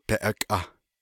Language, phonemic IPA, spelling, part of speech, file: Navajo, /pɛ̀ʔɑ̀kʼɑ̀h/, beʼakʼah, noun, Nv-beʼakʼah.ogg
- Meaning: his/her/its fat (to cook with, or that lubricates machinery)